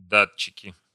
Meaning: nominative/accusative plural of да́тчик (dátčik)
- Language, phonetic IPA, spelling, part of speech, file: Russian, [ˈdat͡ɕːɪkʲɪ], датчики, noun, Ru-датчики.ogg